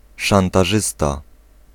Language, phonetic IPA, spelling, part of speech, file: Polish, [ˌʃãntaˈʒɨsta], szantażysta, noun, Pl-szantażysta.ogg